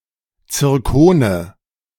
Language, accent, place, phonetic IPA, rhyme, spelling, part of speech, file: German, Germany, Berlin, [t͡sɪʁˈkoːnə], -oːnə, Zirkone, noun, De-Zirkone.ogg
- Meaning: nominative/accusative/genitive plural of Zirkon